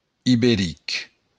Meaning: Iberian
- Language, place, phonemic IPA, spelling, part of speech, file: Occitan, Béarn, /iβeˈrik/, iberic, adjective, LL-Q14185 (oci)-iberic.wav